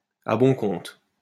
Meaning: 1. cheaply, at a good price, without paying too much 2. lightly, without much damage
- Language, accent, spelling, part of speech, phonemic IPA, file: French, France, à bon compte, adverb, /a bɔ̃ kɔ̃t/, LL-Q150 (fra)-à bon compte.wav